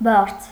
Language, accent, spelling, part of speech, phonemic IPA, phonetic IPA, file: Armenian, Eastern Armenian, բարձ, noun, /bɑɾt͡sʰ/, [bɑɾt͡sʰ], Hy-բարձ.ogg
- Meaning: 1. pillow; cushion 2. dignity, degree 3. base of a triangle